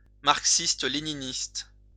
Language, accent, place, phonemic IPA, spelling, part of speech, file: French, France, Lyon, /maʁk.sis.t(ə).le.ni.nist/, marxiste-léniniste, adjective, LL-Q150 (fra)-marxiste-léniniste.wav
- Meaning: Marxist-Leninist